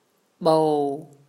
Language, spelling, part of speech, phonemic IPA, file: Mon, ၜဝ်, noun, /ɓou/, Mnw-ၜဝ်.wav
- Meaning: a rattan